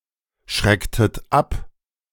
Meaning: inflection of abschrecken: 1. second-person plural preterite 2. second-person plural subjunctive II
- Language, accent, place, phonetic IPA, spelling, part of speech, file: German, Germany, Berlin, [ˌʃʁɛktət ˈap], schrecktet ab, verb, De-schrecktet ab.ogg